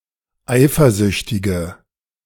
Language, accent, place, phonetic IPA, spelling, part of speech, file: German, Germany, Berlin, [ˈaɪ̯fɐˌzʏçtɪɡə], eifersüchtige, adjective, De-eifersüchtige.ogg
- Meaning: inflection of eifersüchtig: 1. strong/mixed nominative/accusative feminine singular 2. strong nominative/accusative plural 3. weak nominative all-gender singular